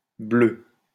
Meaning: feminine singular of bleu
- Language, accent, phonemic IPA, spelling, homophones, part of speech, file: French, France, /blø/, bleue, bleu / bleus / bleues, adjective, LL-Q150 (fra)-bleue.wav